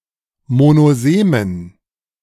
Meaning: inflection of monosem: 1. strong genitive masculine/neuter singular 2. weak/mixed genitive/dative all-gender singular 3. strong/weak/mixed accusative masculine singular 4. strong dative plural
- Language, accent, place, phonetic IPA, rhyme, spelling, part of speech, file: German, Germany, Berlin, [monoˈzeːmən], -eːmən, monosemen, adjective, De-monosemen.ogg